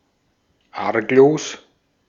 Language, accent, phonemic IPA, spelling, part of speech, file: German, Austria, /ˈaʁkloːs/, arglos, adjective, De-at-arglos.ogg
- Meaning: 1. innocent, unsuspecting, artless (not suspecting trouble) 2. harmless, trustworthy (without bad intentions)